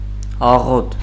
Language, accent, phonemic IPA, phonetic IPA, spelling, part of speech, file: Armenian, Eastern Armenian, /ɑˈʁot/, [ɑʁót], աղոտ, adjective / adverb, Hy-աղոտ.ogg
- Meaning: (adjective) 1. dim, dark, dull (of light) 2. vague; dim; indistinct; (adverb) vaguely; dimly; indistinctly